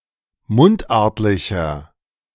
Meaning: inflection of mundartlich: 1. strong/mixed nominative masculine singular 2. strong genitive/dative feminine singular 3. strong genitive plural
- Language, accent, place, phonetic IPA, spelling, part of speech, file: German, Germany, Berlin, [ˈmʊntˌʔaʁtlɪçɐ], mundartlicher, adjective, De-mundartlicher.ogg